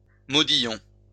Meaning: corbel
- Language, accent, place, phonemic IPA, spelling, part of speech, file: French, France, Lyon, /mɔ.di.jɔ̃/, modillon, noun, LL-Q150 (fra)-modillon.wav